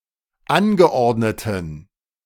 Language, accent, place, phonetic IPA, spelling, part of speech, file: German, Germany, Berlin, [ˈanɡəˌʔɔʁdnətn̩], angeordneten, adjective, De-angeordneten.ogg
- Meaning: inflection of angeordnet: 1. strong genitive masculine/neuter singular 2. weak/mixed genitive/dative all-gender singular 3. strong/weak/mixed accusative masculine singular 4. strong dative plural